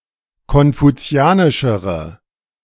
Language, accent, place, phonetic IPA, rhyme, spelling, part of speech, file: German, Germany, Berlin, [kɔnfuˈt͡si̯aːnɪʃəʁə], -aːnɪʃəʁə, konfuzianischere, adjective, De-konfuzianischere.ogg
- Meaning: inflection of konfuzianisch: 1. strong/mixed nominative/accusative feminine singular comparative degree 2. strong nominative/accusative plural comparative degree